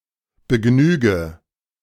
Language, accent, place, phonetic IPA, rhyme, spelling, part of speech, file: German, Germany, Berlin, [bəˈɡnyːɡə], -yːɡə, begnüge, verb, De-begnüge.ogg
- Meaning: inflection of begnügen: 1. first-person singular present 2. first/third-person singular subjunctive I 3. singular imperative